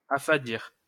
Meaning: to make tasteless, insipid or bland
- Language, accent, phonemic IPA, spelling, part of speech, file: French, France, /a.fa.diʁ/, affadir, verb, LL-Q150 (fra)-affadir.wav